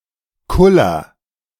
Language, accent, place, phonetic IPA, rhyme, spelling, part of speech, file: German, Germany, Berlin, [ˈkʊlɐ], -ʊlɐ, kuller, verb, De-kuller.ogg
- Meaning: inflection of kullern: 1. first-person singular present 2. singular imperative